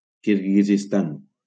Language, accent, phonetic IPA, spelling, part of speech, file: Catalan, Valencia, [kiɾ.ɣi.zisˈtan], Kirguizistan, proper noun, LL-Q7026 (cat)-Kirguizistan.wav
- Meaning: Kyrgyzstan (a country in Central Asia, bordering on Kazakhstan, Uzbekistan, Tajikistan and China)